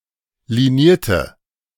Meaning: inflection of liniert: 1. strong/mixed nominative/accusative feminine singular 2. strong nominative/accusative plural 3. weak nominative all-gender singular 4. weak accusative feminine/neuter singular
- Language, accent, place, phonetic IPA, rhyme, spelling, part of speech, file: German, Germany, Berlin, [liˈniːɐ̯tə], -iːɐ̯tə, linierte, adjective / verb, De-linierte.ogg